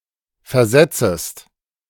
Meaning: second-person singular subjunctive I of versetzen
- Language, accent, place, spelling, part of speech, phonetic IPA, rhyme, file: German, Germany, Berlin, versetzest, verb, [fɛɐ̯ˈzɛt͡səst], -ɛt͡səst, De-versetzest.ogg